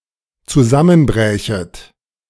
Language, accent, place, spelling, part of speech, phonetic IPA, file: German, Germany, Berlin, zusammenbrächet, verb, [t͡suˈzamənˌbʁɛːçət], De-zusammenbrächet.ogg
- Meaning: second-person plural dependent subjunctive II of zusammenbrechen